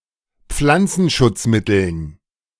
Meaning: dative plural of Pflanzenschutzmittel
- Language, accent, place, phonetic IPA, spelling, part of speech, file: German, Germany, Berlin, [ˈp͡flant͡sn̩ʃʊt͡sˌmɪtl̩n], Pflanzenschutzmitteln, noun, De-Pflanzenschutzmitteln.ogg